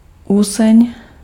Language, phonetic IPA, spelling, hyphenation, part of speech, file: Czech, [ˈusɛɲ], useň, useň, noun, Cs-useň.ogg
- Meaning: leather (tough material produced from the skin of animals, by tanning or similar process, used e.g. for clothing)